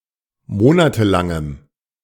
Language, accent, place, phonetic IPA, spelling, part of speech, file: German, Germany, Berlin, [ˈmoːnatəˌlaŋəm], monatelangem, adjective, De-monatelangem.ogg
- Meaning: strong dative masculine/neuter singular of monatelang